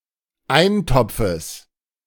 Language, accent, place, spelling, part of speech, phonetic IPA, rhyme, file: German, Germany, Berlin, Eintopfes, noun, [ˈaɪ̯nˌtɔp͡fəs], -aɪ̯ntɔp͡fəs, De-Eintopfes.ogg
- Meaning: genitive singular of Eintopf